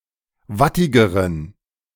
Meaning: inflection of wattig: 1. strong genitive masculine/neuter singular comparative degree 2. weak/mixed genitive/dative all-gender singular comparative degree
- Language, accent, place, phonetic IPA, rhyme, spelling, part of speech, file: German, Germany, Berlin, [ˈvatɪɡəʁən], -atɪɡəʁən, wattigeren, adjective, De-wattigeren.ogg